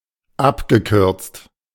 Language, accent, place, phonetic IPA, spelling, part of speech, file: German, Germany, Berlin, [ˈapɡəˌkʏʁt͡st], abgekürzt, verb, De-abgekürzt.ogg
- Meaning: past participle of abkürzen